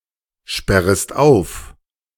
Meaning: second-person singular subjunctive I of aufsperren
- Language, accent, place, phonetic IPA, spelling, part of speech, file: German, Germany, Berlin, [ˌʃpɛʁəst ˈaʊ̯f], sperrest auf, verb, De-sperrest auf.ogg